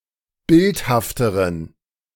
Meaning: inflection of bildhaft: 1. strong genitive masculine/neuter singular comparative degree 2. weak/mixed genitive/dative all-gender singular comparative degree
- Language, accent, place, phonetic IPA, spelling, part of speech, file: German, Germany, Berlin, [ˈbɪlthaftəʁən], bildhafteren, adjective, De-bildhafteren.ogg